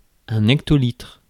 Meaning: hectolitre
- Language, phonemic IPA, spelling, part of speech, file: French, /ɛk.tɔ.litʁ/, hectolitre, noun, Fr-hectolitre.ogg